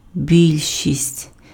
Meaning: majority
- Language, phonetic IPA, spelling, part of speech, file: Ukrainian, [ˈbʲilʲʃʲisʲtʲ], більшість, noun, Uk-більшість.ogg